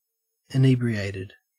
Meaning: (adjective) Behaving as though affected by alcohol including exhilaration, and a dumbed or stupefied manner; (verb) simple past and past participle of inebriate
- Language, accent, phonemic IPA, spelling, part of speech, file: English, Australia, /ɪˈniː.bɹi.eɪ.tɪd/, inebriated, adjective / verb, En-au-inebriated.ogg